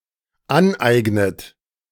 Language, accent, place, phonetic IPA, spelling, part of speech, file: German, Germany, Berlin, [ˈanˌʔaɪ̯ɡnət], aneignet, verb, De-aneignet.ogg
- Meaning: inflection of aneignen: 1. third-person singular dependent present 2. second-person plural dependent present 3. second-person plural dependent subjunctive I